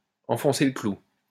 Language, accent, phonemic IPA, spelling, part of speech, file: French, France, /ɑ̃.fɔ̃.se lə klu/, enfoncer le clou, verb, LL-Q150 (fra)-enfoncer le clou.wav
- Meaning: to ram something home, to drive a lesson home (to repeat something insistently so that it is understood)